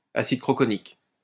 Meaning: croconic acid
- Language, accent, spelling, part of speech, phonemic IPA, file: French, France, acide croconique, noun, /a.sid kʁɔ.kɔ.nik/, LL-Q150 (fra)-acide croconique.wav